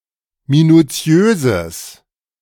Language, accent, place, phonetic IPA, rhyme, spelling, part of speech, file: German, Germany, Berlin, [minuˈt͡si̯øːzəs], -øːzəs, minuziöses, adjective, De-minuziöses.ogg
- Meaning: strong/mixed nominative/accusative neuter singular of minuziös